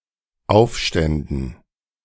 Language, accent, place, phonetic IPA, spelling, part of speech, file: German, Germany, Berlin, [ˈaʊ̯fˌʃtɛndn̩], aufständen, verb, De-aufständen.ogg
- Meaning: first/third-person plural dependent subjunctive II of aufstehen